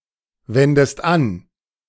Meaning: inflection of anwenden: 1. second-person singular present 2. second-person singular subjunctive I
- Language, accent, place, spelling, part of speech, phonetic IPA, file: German, Germany, Berlin, wendest an, verb, [ˌvɛndəst ˈan], De-wendest an.ogg